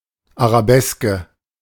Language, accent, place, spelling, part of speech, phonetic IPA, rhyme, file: German, Germany, Berlin, Arabeske, noun, [aʁaˈbɛskə], -ɛskə, De-Arabeske.ogg
- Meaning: arabesque